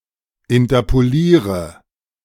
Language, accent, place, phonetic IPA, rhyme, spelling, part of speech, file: German, Germany, Berlin, [ɪntɐpoˈliːʁə], -iːʁə, interpoliere, verb, De-interpoliere.ogg
- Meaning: inflection of interpolieren: 1. first-person singular present 2. singular imperative 3. first/third-person singular subjunctive I